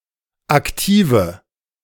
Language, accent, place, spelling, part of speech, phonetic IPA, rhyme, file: German, Germany, Berlin, aktive, adjective, [akˈtiːvə], -iːvə, De-aktive.ogg
- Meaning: inflection of aktiv: 1. strong/mixed nominative/accusative feminine singular 2. strong nominative/accusative plural 3. weak nominative all-gender singular 4. weak accusative feminine/neuter singular